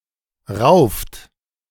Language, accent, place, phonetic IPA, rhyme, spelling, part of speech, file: German, Germany, Berlin, [ʁaʊ̯ft], -aʊ̯ft, rauft, verb, De-rauft.ogg
- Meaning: inflection of raufen: 1. third-person singular present 2. second-person plural present 3. plural imperative